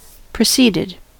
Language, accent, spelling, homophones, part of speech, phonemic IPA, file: English, US, proceeded, preceded, verb, /pɹəˈsiːdɪd/, En-us-proceeded.ogg
- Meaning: simple past and past participle of proceed